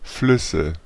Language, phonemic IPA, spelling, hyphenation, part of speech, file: German, /ˈflʏsə/, Flüsse, Flüs‧se, noun, De-Flüsse.ogg
- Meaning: nominative/accusative/genitive plural of Fluss